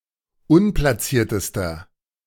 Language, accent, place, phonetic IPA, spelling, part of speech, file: German, Germany, Berlin, [ˈʊnplasiːɐ̯təstɐ], unplaciertester, adjective, De-unplaciertester.ogg
- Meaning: inflection of unplaciert: 1. strong/mixed nominative masculine singular superlative degree 2. strong genitive/dative feminine singular superlative degree 3. strong genitive plural superlative degree